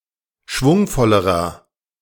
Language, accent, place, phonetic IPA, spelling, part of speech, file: German, Germany, Berlin, [ˈʃvʊŋfɔləʁɐ], schwungvollerer, adjective, De-schwungvollerer.ogg
- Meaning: inflection of schwungvoll: 1. strong/mixed nominative masculine singular comparative degree 2. strong genitive/dative feminine singular comparative degree 3. strong genitive plural comparative degree